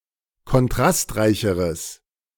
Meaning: strong/mixed nominative/accusative neuter singular comparative degree of kontrastreich
- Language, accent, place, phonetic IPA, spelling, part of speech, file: German, Germany, Berlin, [kɔnˈtʁastˌʁaɪ̯çəʁəs], kontrastreicheres, adjective, De-kontrastreicheres.ogg